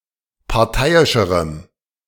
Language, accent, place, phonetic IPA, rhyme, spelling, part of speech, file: German, Germany, Berlin, [paʁˈtaɪ̯ɪʃəʁəm], -aɪ̯ɪʃəʁəm, parteiischerem, adjective, De-parteiischerem.ogg
- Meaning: strong dative masculine/neuter singular comparative degree of parteiisch